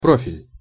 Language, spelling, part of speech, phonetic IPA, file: Russian, профиль, noun, [ˈprofʲɪlʲ], Ru-профиль.ogg
- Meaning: profile (various senses)